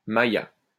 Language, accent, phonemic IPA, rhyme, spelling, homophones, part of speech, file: French, France, /ma.ja/, -ja, Maya, Maaia / Maia / maïa / Maïa / maja, noun, LL-Q150 (fra)-Maya.wav
- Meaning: Mayan (person)